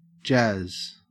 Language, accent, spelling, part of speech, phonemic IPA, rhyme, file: English, Australia, jazz, noun / verb, /d͡ʒæz/, -æz, En-au-jazz.ogg